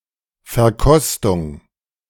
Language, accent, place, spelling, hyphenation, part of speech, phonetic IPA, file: German, Germany, Berlin, Verkostung, Ver‧kos‧tung, noun, [fɛɐ̯ˈkɔstʊŋ], De-Verkostung.ogg
- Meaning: tasting